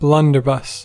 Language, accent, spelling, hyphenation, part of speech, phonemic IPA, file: English, General American, blunderbuss, blun‧der‧buss, noun / verb, /ˈblʌn.dɚˌbʌs/, En-us-blunderbuss.ogg